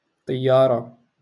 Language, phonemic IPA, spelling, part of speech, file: Moroccan Arabic, /tˤij.jaː.ra/, طيارة, noun, LL-Q56426 (ary)-طيارة.wav
- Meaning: airplane, aircraft